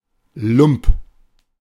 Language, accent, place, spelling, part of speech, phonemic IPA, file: German, Germany, Berlin, Lump, noun, /lʊmp/, De-Lump.ogg
- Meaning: cad, scoundrel (mean, ignoble, or dirty male person)